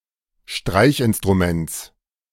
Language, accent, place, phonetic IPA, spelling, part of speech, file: German, Germany, Berlin, [ˈʃtʁaɪ̯çʔɪnstʁuˌmɛnt͡s], Streichinstruments, noun, De-Streichinstruments.ogg
- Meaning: genitive of Streichinstrument